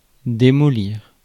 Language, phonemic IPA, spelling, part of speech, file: French, /de.mɔ.liʁ/, démolir, verb, Fr-démolir.ogg
- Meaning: 1. to demolish 2. to wreck, to ruin 3. to shellac